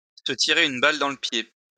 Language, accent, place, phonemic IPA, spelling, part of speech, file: French, France, Lyon, /sə ti.ʁe yn bal dɑ̃ lə pje/, se tirer une balle dans le pied, verb, LL-Q150 (fra)-se tirer une balle dans le pied.wav
- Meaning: to shoot oneself in the foot